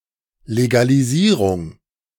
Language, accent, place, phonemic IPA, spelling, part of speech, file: German, Germany, Berlin, /leɡaliˈziːʁʊŋ/, Legalisierung, noun, De-Legalisierung.ogg
- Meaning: legalization (process of making something legal)